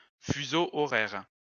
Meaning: time zone (range of longitudes where a common standard time is used)
- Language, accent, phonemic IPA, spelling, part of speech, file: French, France, /fy.zo ɔ.ʁɛʁ/, fuseau horaire, noun, LL-Q150 (fra)-fuseau horaire.wav